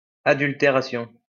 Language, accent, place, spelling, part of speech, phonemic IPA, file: French, France, Lyon, adultération, noun, /a.dyl.te.ʁa.sjɔ̃/, LL-Q150 (fra)-adultération.wav
- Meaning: adulteration